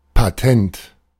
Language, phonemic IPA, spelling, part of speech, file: German, /paˈtɛnt/, Patent, noun, De-Patent.oga
- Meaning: 1. patent 2. license